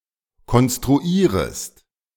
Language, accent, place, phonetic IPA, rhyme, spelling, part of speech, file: German, Germany, Berlin, [kɔnstʁuˈiːʁəst], -iːʁəst, konstruierest, verb, De-konstruierest.ogg
- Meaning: second-person singular subjunctive I of konstruieren